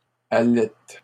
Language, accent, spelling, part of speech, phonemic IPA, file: French, Canada, allaites, verb, /a.lɛt/, LL-Q150 (fra)-allaites.wav
- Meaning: second-person singular present indicative/subjunctive of allaiter